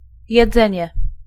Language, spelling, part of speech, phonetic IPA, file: Polish, jedzenie, noun, [jɛˈd͡zɛ̃ɲɛ], Pl-jedzenie.ogg